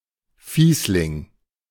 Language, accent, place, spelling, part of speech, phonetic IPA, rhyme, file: German, Germany, Berlin, Fiesling, noun, [ˈfiːslɪŋ], -iːslɪŋ, De-Fiesling.ogg
- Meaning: meanie